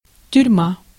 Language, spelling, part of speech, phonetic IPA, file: Russian, тюрьма, noun, [tʲʉrʲˈma], Ru-тюрьма.ogg
- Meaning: prison, jail